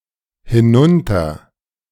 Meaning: a prefix; down-(?) (away from the speaker)
- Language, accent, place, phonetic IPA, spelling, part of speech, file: German, Germany, Berlin, [hɪˈnʊntɐ], hinunter-, prefix, De-hinunter-.ogg